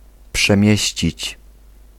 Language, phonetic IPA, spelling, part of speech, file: Polish, [pʃɛ̃ˈmʲjɛ̇ɕt͡ɕit͡ɕ], przemieścić, verb, Pl-przemieścić.ogg